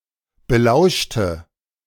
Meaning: inflection of belauschen: 1. first/third-person singular preterite 2. first/third-person singular subjunctive II
- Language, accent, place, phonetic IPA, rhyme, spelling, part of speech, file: German, Germany, Berlin, [bəˈlaʊ̯ʃtə], -aʊ̯ʃtə, belauschte, adjective / verb, De-belauschte.ogg